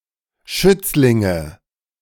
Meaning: nominative/accusative/genitive plural of Schützling
- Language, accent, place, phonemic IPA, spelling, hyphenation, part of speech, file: German, Germany, Berlin, /ˈʃʏt͡slɪŋə/, Schützlinge, Schütz‧lin‧ge, noun, De-Schützlinge.ogg